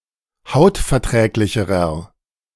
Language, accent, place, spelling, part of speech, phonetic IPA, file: German, Germany, Berlin, hautverträglicherer, adjective, [ˈhaʊ̯tfɛɐ̯ˌtʁɛːklɪçəʁɐ], De-hautverträglicherer.ogg
- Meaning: inflection of hautverträglich: 1. strong/mixed nominative masculine singular comparative degree 2. strong genitive/dative feminine singular comparative degree